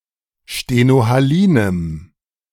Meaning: strong dative masculine/neuter singular of stenohalin
- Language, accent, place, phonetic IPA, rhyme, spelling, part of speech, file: German, Germany, Berlin, [ʃtenohaˈliːnəm], -iːnəm, stenohalinem, adjective, De-stenohalinem.ogg